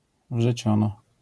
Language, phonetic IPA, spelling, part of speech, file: Polish, [vʒɛˈt͡ɕɔ̃nɔ], wrzeciono, noun, LL-Q809 (pol)-wrzeciono.wav